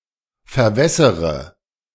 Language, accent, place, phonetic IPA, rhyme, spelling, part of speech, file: German, Germany, Berlin, [fɛɐ̯ˈvɛsəʁə], -ɛsəʁə, verwässere, verb, De-verwässere.ogg
- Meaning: inflection of verwässern: 1. first-person singular present 2. first/third-person singular subjunctive I 3. singular imperative